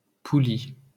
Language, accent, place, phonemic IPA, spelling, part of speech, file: French, France, Paris, /pu.li/, poulie, noun, LL-Q150 (fra)-poulie.wav
- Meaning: 1. pulley 2. block